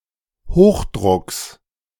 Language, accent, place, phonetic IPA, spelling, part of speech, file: German, Germany, Berlin, [ˈhoːxˌdʁʊks], Hochdrucks, noun, De-Hochdrucks.ogg
- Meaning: genitive singular of Hochdruck